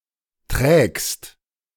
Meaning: second-person singular present of tragen
- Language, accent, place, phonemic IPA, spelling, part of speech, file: German, Germany, Berlin, /tʁeːɡst/, trägst, verb, De-trägst.ogg